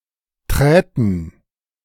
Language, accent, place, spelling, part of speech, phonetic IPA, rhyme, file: German, Germany, Berlin, träten, verb, [ˈtʁɛːtn̩], -ɛːtn̩, De-träten.ogg
- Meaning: first/third-person plural subjunctive II of treten